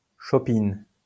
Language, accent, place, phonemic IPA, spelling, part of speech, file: French, France, Lyon, /ʃɔ.pin/, chopine, noun / verb, LL-Q150 (fra)-chopine.wav